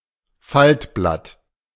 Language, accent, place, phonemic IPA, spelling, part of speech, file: German, Germany, Berlin, /ˈfaltˌblat/, Faltblatt, noun, De-Faltblatt.ogg
- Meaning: leaflet (small piece of paper with information)